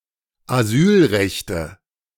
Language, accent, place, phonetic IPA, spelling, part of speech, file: German, Germany, Berlin, [aˈzyːlˌʁɛçtə], Asylrechte, noun, De-Asylrechte.ogg
- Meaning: nominative/accusative/genitive plural of Asylrecht